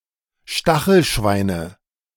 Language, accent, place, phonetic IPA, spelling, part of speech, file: German, Germany, Berlin, [ˈʃtaxl̩ˌʃvaɪ̯nə], Stachelschweine, noun, De-Stachelschweine.ogg
- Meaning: nominative/accusative/genitive plural of Stachelschwein